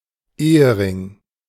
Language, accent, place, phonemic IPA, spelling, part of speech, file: German, Germany, Berlin, /ˈeː.əˌrɪŋ/, Ehering, noun, De-Ehering.ogg
- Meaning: wedding band, wedding ring